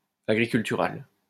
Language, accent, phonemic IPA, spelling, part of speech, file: French, France, /a.ɡʁi.kyl.ty.ʁal/, agricultural, adjective, LL-Q150 (fra)-agricultural.wav
- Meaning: agricultural